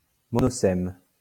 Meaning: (noun) monoseme
- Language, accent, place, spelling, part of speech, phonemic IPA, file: French, France, Lyon, monosème, noun / adjective, /mɔ.no.sɛm/, LL-Q150 (fra)-monosème.wav